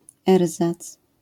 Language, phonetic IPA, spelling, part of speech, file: Polish, [ˈɛrzat͡s], erzac, noun, LL-Q809 (pol)-erzac.wav